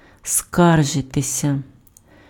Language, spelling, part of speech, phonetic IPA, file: Ukrainian, скаржитися, verb, [ˈskarʒetesʲɐ], Uk-скаржитися.ogg
- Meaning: 1. to complain 2. to make a complaint